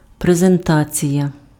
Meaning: presentation
- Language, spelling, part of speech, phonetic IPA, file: Ukrainian, презентація, noun, [prezenˈtat͡sʲijɐ], Uk-презентація.ogg